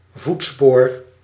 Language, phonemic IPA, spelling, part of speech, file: Dutch, /ˈvutspor/, voetspoor, noun, Nl-voetspoor.ogg
- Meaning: trail of footprints, footsteps